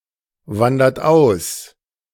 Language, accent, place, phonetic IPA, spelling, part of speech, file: German, Germany, Berlin, [ˌvandɐt ˈaʊ̯s], wandert aus, verb, De-wandert aus.ogg
- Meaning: inflection of auswandern: 1. third-person singular present 2. second-person plural present 3. plural imperative